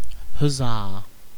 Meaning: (interjection) 1. Used as a call for coordinated physical effort, as in hoisting 2. Used as a cheer indicating exaltation, enjoyment, or approval
- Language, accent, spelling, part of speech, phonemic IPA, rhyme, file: English, UK, huzzah, interjection / noun / verb, /həˈzɑː/, -ɑː, En-uk-huzzah.ogg